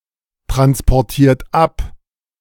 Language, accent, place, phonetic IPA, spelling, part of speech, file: German, Germany, Berlin, [tʁanspɔʁˌtiːɐ̯t ˈap], transportiert ab, verb, De-transportiert ab.ogg
- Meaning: inflection of abtransportieren: 1. third-person singular present 2. second-person plural present 3. plural imperative